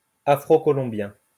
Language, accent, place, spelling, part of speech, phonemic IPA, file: French, France, Lyon, afrocolombien, adjective, /a.fʁo.kɔ.lɔ̃.bjɛ̃/, LL-Q150 (fra)-afrocolombien.wav
- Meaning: Afro-Colombian